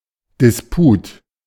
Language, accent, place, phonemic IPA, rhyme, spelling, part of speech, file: German, Germany, Berlin, /dɪsˈpuːt/, -uːt, Disput, noun, De-Disput.ogg
- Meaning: dispute